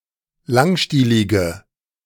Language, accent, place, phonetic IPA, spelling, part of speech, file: German, Germany, Berlin, [ˈlaŋˌʃtiːlɪɡə], langstielige, adjective, De-langstielige.ogg
- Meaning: inflection of langstielig: 1. strong/mixed nominative/accusative feminine singular 2. strong nominative/accusative plural 3. weak nominative all-gender singular